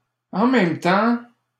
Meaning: 1. at the same time, at once, simultaneously 2. on the other hand, at the same time, then again
- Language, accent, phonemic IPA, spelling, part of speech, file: French, Canada, /ɑ̃ mɛm tɑ̃/, en même temps, adverb, LL-Q150 (fra)-en même temps.wav